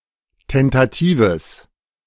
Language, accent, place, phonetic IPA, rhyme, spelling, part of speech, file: German, Germany, Berlin, [ˌtɛntaˈtiːvəs], -iːvəs, tentatives, adjective, De-tentatives.ogg
- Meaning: strong/mixed nominative/accusative neuter singular of tentativ